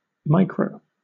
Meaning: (adjective) Very small in scale or scope; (noun) 1. Clipping of microwave (“microwave oven”) 2. Clipping of microeconomics 3. Clipping of microcomputer 4. Clipping of micromanagement
- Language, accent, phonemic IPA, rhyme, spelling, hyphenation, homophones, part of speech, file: English, Southern England, /ˈmaɪ.kɹəʊ/, -aɪkɹəʊ, micro, mi‧cro, Micro, adjective / noun / verb, LL-Q1860 (eng)-micro.wav